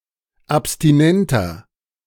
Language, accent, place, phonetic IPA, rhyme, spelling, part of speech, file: German, Germany, Berlin, [apstiˈnɛntɐ], -ɛntɐ, abstinenter, adjective, De-abstinenter.ogg
- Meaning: inflection of abstinent: 1. strong/mixed nominative masculine singular 2. strong genitive/dative feminine singular 3. strong genitive plural